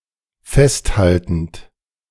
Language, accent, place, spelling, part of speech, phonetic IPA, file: German, Germany, Berlin, festhaltend, verb, [ˈfɛstˌhaltn̩t], De-festhaltend.ogg
- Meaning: present participle of festhalten